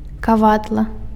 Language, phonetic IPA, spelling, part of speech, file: Belarusian, [kaˈvadɫa], кавадла, noun, Be-кавадла.ogg
- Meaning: anvil